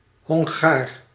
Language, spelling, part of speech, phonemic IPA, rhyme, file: Dutch, Hongaar, noun, /ɦɔŋˈɣaːr/, -aːr, Nl-Hongaar.ogg
- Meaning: 1. a Hungarian, member of the Magyar people 2. a Hungarian, member or descendant of the population of Hungary